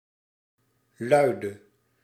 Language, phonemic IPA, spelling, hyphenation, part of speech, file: Dutch, /ˈlœy̯də/, luide, lui‧de, verb / adjective, Nl-luide.ogg
- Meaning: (verb) singular present subjunctive of luiden; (adjective) inflection of luid: 1. masculine/feminine singular attributive 2. definite neuter singular attributive 3. plural attributive